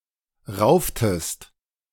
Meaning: inflection of raufen: 1. second-person singular preterite 2. second-person singular subjunctive II
- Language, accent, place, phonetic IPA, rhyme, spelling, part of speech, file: German, Germany, Berlin, [ˈʁaʊ̯ftəst], -aʊ̯ftəst, rauftest, verb, De-rauftest.ogg